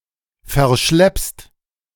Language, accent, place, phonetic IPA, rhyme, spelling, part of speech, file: German, Germany, Berlin, [fɛɐ̯ˈʃlɛpst], -ɛpst, verschleppst, verb, De-verschleppst.ogg
- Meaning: second-person singular present of verschleppen